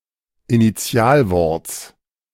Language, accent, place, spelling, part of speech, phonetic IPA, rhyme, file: German, Germany, Berlin, Initialworts, noun, [iniˈt͡si̯aːlˌvɔʁt͡s], -aːlvɔʁt͡s, De-Initialworts.ogg
- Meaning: genitive singular of Initialwort